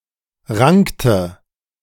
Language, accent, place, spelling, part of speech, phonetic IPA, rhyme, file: German, Germany, Berlin, rankte, verb, [ˈʁaŋktə], -aŋktə, De-rankte.ogg
- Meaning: inflection of ranken: 1. first/third-person singular preterite 2. first/third-person singular subjunctive II